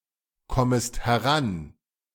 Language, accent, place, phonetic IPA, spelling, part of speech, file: German, Germany, Berlin, [ˌkɔməst hɛˈʁan], kommest heran, verb, De-kommest heran.ogg
- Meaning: second-person singular subjunctive I of herankommen